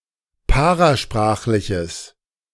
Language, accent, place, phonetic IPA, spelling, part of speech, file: German, Germany, Berlin, [ˈpaʁaˌʃpʁaːxlɪçəs], parasprachliches, adjective, De-parasprachliches.ogg
- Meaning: strong/mixed nominative/accusative neuter singular of parasprachlich